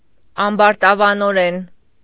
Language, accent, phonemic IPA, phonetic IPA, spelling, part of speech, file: Armenian, Eastern Armenian, /ɑmbɑɾtɑvɑnoˈɾen/, [ɑmbɑɾtɑvɑnoɾén], ամբարտավանորեն, adverb, Hy-ամբարտավանորեն.ogg
- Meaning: arrogantly, bigheadedly, conceitedly